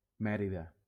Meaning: Mérida (a city in Spain)
- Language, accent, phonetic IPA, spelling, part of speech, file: Catalan, Valencia, [ˈmɛ.ɾi.ða], Mèrida, proper noun, LL-Q7026 (cat)-Mèrida.wav